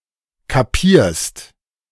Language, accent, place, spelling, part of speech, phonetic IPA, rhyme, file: German, Germany, Berlin, kapierst, verb, [kaˈpiːɐ̯st], -iːɐ̯st, De-kapierst.ogg
- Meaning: second-person singular present of kapieren